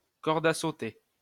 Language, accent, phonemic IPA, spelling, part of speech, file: French, France, /kɔʁ.d‿a so.te/, corde à sauter, noun, LL-Q150 (fra)-corde à sauter.wav
- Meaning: 1. skipping rope, skip rope, jump rope (item for play or physical exercise consisting of a length of rope with a handle attached to each end) 2. jump rope (the activity itself)